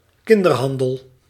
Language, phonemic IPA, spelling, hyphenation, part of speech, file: Dutch, /ˈkɪn.dərˌɦɑn.dəl/, kinderhandel, kin‧der‧han‧del, noun, Nl-kinderhandel.ogg
- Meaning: child trafficking